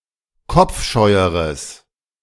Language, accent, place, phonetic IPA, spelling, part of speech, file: German, Germany, Berlin, [ˈkɔp͡fˌʃɔɪ̯əʁəs], kopfscheueres, adjective, De-kopfscheueres.ogg
- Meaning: strong/mixed nominative/accusative neuter singular comparative degree of kopfscheu